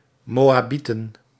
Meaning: plural of Moabiet
- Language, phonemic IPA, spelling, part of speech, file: Dutch, /moaˈbitə(n)/, Moabieten, noun, Nl-Moabieten.ogg